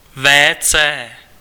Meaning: WC
- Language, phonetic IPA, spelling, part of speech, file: Czech, [vɛː t͡sɛː], WC, noun, Cs-WC.ogg